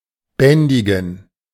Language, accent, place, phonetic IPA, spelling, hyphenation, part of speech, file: German, Germany, Berlin, [ˈbɛndɪɡŋ̍], bändigen, bän‧di‧gen, verb, De-bändigen.ogg
- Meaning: to tame, to restrain, to subdue